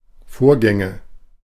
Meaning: nominative/accusative/genitive plural of Vorgang
- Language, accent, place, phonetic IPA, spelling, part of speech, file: German, Germany, Berlin, [ˈfoːɐ̯ˌɡɛŋə], Vorgänge, noun, De-Vorgänge.ogg